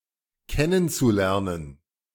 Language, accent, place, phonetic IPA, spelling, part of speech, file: German, Germany, Berlin, [ˈkɛnənt͡suˌlɛʁnən], kennenzulernen, verb, De-kennenzulernen.ogg
- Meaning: zu-infinitive of kennenlernen